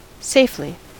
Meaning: 1. In a safe manner; without risk; using caution above all else 2. In a secure manner; without the possibility of injury or harm resulting
- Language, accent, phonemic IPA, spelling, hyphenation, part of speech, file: English, US, /ˈseɪfli/, safely, safe‧ly, adverb, En-us-safely.ogg